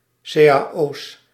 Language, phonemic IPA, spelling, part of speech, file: Dutch, /sejaˈʔos/, cao's, noun, Nl-cao's.ogg
- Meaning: plural of cao